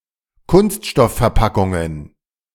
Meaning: plural of Kunststoffverpackung
- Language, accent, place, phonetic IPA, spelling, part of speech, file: German, Germany, Berlin, [ˈkʊnstʃtɔffɛɐ̯ˌpakʊŋən], Kunststoffverpackungen, noun, De-Kunststoffverpackungen.ogg